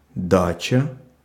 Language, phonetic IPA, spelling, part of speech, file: Russian, [ˈdat͡ɕə], дача, noun, Ru-дача.ogg
- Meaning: 1. dacha, villa, country house 2. allotment; a (small) plot of land in the outskirts of Russian cities usually used by city dwellers for growing fruit and vegetables 3. giving